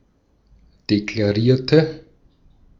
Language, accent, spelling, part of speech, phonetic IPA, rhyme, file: German, Austria, deklarierte, verb, [deklaˈʁiːɐ̯tə], -iːɐ̯tə, De-at-deklarierte.ogg
- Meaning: inflection of deklarieren: 1. first/third-person singular preterite 2. first/third-person singular subjunctive II